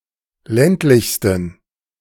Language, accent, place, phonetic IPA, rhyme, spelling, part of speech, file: German, Germany, Berlin, [ˈlɛntlɪçstn̩], -ɛntlɪçstn̩, ländlichsten, adjective, De-ländlichsten.ogg
- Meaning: 1. superlative degree of ländlich 2. inflection of ländlich: strong genitive masculine/neuter singular superlative degree